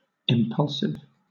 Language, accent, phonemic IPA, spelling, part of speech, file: English, Southern England, /ɪmˈpʌlsɪv/, impulsive, adjective / noun, LL-Q1860 (eng)-impulsive.wav
- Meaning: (adjective) Having the power of driving or impelling; giving an impulse; moving; impellent